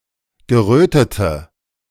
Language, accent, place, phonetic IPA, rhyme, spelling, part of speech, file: German, Germany, Berlin, [ɡəˈʁøːtətə], -øːtətə, gerötete, adjective, De-gerötete.ogg
- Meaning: inflection of gerötet: 1. strong/mixed nominative/accusative feminine singular 2. strong nominative/accusative plural 3. weak nominative all-gender singular 4. weak accusative feminine/neuter singular